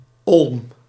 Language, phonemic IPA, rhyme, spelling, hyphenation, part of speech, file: Dutch, /ɔlm/, -ɔlm, olm, olm, noun, Nl-olm.ogg
- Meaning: 1. elm (tree of the genus Ulmus) 2. olm (Proteus anguinus)